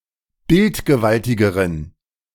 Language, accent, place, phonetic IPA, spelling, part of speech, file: German, Germany, Berlin, [ˈbɪltɡəˌvaltɪɡəʁən], bildgewaltigeren, adjective, De-bildgewaltigeren.ogg
- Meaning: inflection of bildgewaltig: 1. strong genitive masculine/neuter singular comparative degree 2. weak/mixed genitive/dative all-gender singular comparative degree